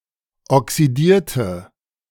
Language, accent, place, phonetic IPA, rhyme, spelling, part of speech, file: German, Germany, Berlin, [ɔksiˈdiːɐ̯tə], -iːɐ̯tə, oxidierte, adjective / verb, De-oxidierte.ogg
- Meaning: inflection of oxidiert: 1. strong/mixed nominative/accusative feminine singular 2. strong nominative/accusative plural 3. weak nominative all-gender singular